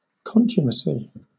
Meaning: Disobedience, resistance to authority
- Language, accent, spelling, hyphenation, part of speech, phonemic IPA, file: English, Southern England, contumacy, con‧tu‧ma‧cy, noun, /ˈkɒntjʊməsi/, LL-Q1860 (eng)-contumacy.wav